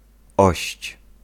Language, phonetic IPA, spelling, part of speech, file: Polish, [ɔɕt͡ɕ], ość, noun, Pl-ość.ogg